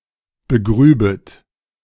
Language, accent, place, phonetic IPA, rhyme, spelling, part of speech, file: German, Germany, Berlin, [bəˈɡʁyːbət], -yːbət, begrübet, verb, De-begrübet.ogg
- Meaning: second-person plural subjunctive II of begraben